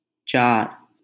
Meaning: four
- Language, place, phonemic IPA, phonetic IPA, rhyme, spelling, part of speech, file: Hindi, Delhi, /t͡ʃɑːɾ/, [t͡ʃäːɾ], -ɑːɾ, चार, numeral, LL-Q1568 (hin)-चार.wav